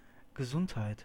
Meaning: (noun) 1. health (state of being in good physical condition and free from illness) 2. health; soundness; strength; stability (state of being in good condition)
- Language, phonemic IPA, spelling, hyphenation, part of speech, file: German, /ɡəˈzʊnthaɪ̯t/, Gesundheit, Ge‧sund‧heit, noun / interjection, DE Gesundheit.ogg